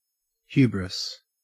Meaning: Excessive arrogance or pride, or presumption; originally (Greek mythology) toward the gods; a feeling of overwhelming and all-encompassing pride
- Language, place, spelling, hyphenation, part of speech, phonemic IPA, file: English, Queensland, hubris, hu‧bris, noun, /ˈhjʉːbɹɪs/, En-au-hubris.ogg